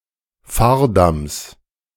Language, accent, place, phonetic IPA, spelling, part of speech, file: German, Germany, Berlin, [ˈfaːɐ̯ˌdams], Fahrdamms, noun, De-Fahrdamms.ogg
- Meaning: genitive singular of Fahrdamm